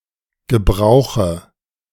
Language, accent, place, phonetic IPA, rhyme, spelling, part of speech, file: German, Germany, Berlin, [ɡəˈbʁaʊ̯xə], -aʊ̯xə, gebrauche, verb, De-gebrauche.ogg
- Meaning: inflection of gebrauchen: 1. first-person singular present 2. first/third-person singular subjunctive I 3. singular imperative